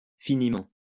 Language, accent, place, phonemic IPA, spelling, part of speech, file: French, France, Lyon, /fi.ni.mɑ̃/, finiment, adverb, LL-Q150 (fra)-finiment.wav
- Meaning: finitely